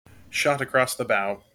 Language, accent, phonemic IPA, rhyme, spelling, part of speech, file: English, General American, /ˈʃɑt əˌkɹɔs ðə ˈbaʊ/, -aʊ, shot across the bow, noun, En-us-shot across the bow.mp3
- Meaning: A warning that negative consequences will be faced if something is carried out or allowed to continue